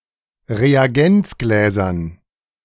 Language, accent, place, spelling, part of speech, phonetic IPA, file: German, Germany, Berlin, Reagenzgläsern, noun, [ʁeaˈɡɛnt͡sˌɡlɛːzɐn], De-Reagenzgläsern.ogg
- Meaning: dative plural of Reagenzglas